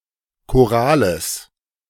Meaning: genitive singular of Choral
- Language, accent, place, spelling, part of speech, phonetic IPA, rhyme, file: German, Germany, Berlin, Chorales, noun, [koˈʁaːləs], -aːləs, De-Chorales.ogg